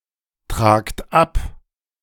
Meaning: inflection of abtragen: 1. second-person plural present 2. plural imperative
- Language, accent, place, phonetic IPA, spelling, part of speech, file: German, Germany, Berlin, [ˌtʁaːkt ˈap], tragt ab, verb, De-tragt ab.ogg